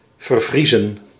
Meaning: 1. to thoroughly freeze, to completely freeze 2. to freeze to death
- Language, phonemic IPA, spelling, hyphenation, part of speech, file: Dutch, /ˌvərˈvrizə(n)/, vervriezen, ver‧vrie‧zen, verb, Nl-vervriezen.ogg